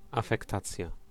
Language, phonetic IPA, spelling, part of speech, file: Polish, [ˌafɛkˈtat͡sʲja], afektacja, noun, Pl-afektacja.ogg